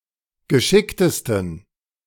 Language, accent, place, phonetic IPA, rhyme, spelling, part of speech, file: German, Germany, Berlin, [ɡəˈʃɪktəstn̩], -ɪktəstn̩, geschicktesten, adjective, De-geschicktesten.ogg
- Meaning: 1. superlative degree of geschickt 2. inflection of geschickt: strong genitive masculine/neuter singular superlative degree